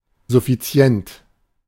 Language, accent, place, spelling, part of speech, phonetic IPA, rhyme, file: German, Germany, Berlin, suffizient, adjective, [zʊfiˈt͡si̯ɛnt], -ɛnt, De-suffizient.ogg
- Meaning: sufficient